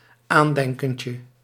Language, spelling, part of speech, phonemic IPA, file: Dutch, aandenkentje, noun, /ˈandɛŋkəncə/, Nl-aandenkentje.ogg
- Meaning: diminutive of aandenken